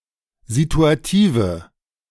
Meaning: inflection of situativ: 1. strong/mixed nominative/accusative feminine singular 2. strong nominative/accusative plural 3. weak nominative all-gender singular
- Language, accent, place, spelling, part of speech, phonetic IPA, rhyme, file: German, Germany, Berlin, situative, adjective, [zituaˈtiːvə], -iːvə, De-situative.ogg